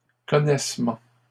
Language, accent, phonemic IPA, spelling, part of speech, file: French, Canada, /kɔ.nɛs.mɑ̃/, connaissements, noun, LL-Q150 (fra)-connaissements.wav
- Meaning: plural of connaissement